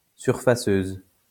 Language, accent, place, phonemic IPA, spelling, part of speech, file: French, France, Lyon, /syʁ.fa.søz/, surfaceuse, noun, LL-Q150 (fra)-surfaceuse.wav
- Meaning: ice resurfacer